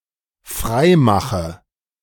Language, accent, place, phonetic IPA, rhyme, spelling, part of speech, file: German, Germany, Berlin, [ˈfʁaɪ̯ˌmaxə], -aɪ̯maxə, freimache, verb, De-freimache.ogg
- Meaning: inflection of freimachen: 1. first-person singular dependent present 2. first/third-person singular dependent subjunctive I